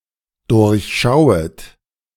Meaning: second-person plural dependent subjunctive I of durchschauen
- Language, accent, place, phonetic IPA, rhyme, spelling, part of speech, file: German, Germany, Berlin, [ˌdʊʁçˈʃaʊ̯ət], -aʊ̯ət, durchschauet, verb, De-durchschauet.ogg